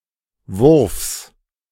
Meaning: genitive singular of Wurf
- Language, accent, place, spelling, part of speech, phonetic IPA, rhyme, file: German, Germany, Berlin, Wurfs, noun, [vʊʁfs], -ʊʁfs, De-Wurfs.ogg